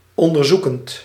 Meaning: present participle of onderzoeken
- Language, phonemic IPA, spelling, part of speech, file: Dutch, /ˌɔndərˈzukənt/, onderzoekend, verb / adjective, Nl-onderzoekend.ogg